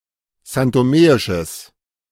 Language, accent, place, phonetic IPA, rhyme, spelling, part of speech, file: German, Germany, Berlin, [zantoˈmeːɪʃəs], -eːɪʃəs, santomeisches, adjective, De-santomeisches.ogg
- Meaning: strong/mixed nominative/accusative neuter singular of santomeisch